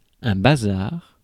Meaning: 1. bazaar 2. junk, things 3. mess, jumble 4. brothel 5. slave market
- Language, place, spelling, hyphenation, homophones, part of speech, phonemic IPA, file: French, Paris, bazar, ba‧zar, bazars, noun, /ba.zaʁ/, Fr-bazar.ogg